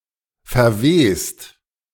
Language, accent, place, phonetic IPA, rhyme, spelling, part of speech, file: German, Germany, Berlin, [fɛɐ̯ˈveːst], -eːst, verwest, verb, De-verwest.ogg
- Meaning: 1. past participle of verwesen 2. inflection of verwesen: second-person singular/plural present 3. inflection of verwesen: third-person singular present 4. inflection of verwesen: plural imperative